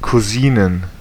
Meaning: plural of Cousine
- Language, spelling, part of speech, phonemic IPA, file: German, Cousinen, noun, /kuˈziːnən/, De-Cousinen.ogg